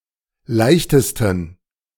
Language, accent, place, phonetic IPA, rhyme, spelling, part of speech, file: German, Germany, Berlin, [ˈlaɪ̯çtəstn̩], -aɪ̯çtəstn̩, leichtesten, adjective, De-leichtesten.ogg
- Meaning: 1. superlative degree of leicht 2. inflection of leicht: strong genitive masculine/neuter singular superlative degree